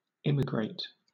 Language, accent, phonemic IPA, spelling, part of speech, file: English, Southern England, /ˈɪmɪɡɹeɪt/, immigrate, verb, LL-Q1860 (eng)-immigrate.wav
- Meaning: To move into a foreign country to stay permanently